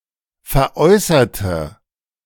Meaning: inflection of veräußern: 1. first/third-person singular preterite 2. first/third-person singular subjunctive II
- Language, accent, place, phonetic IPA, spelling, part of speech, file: German, Germany, Berlin, [fɛɐ̯ˈʔɔɪ̯sɐtə], veräußerte, adjective / verb, De-veräußerte.ogg